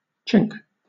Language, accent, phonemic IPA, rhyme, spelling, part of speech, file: English, Southern England, /t͡ʃɪŋk/, -ɪŋk, chink, noun / verb, LL-Q1860 (eng)-chink.wav
- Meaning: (noun) 1. A narrow opening such as a fissure or crack 2. A narrow opening such as a fissure or crack.: A narrow beam or patch of light admitted by such an opening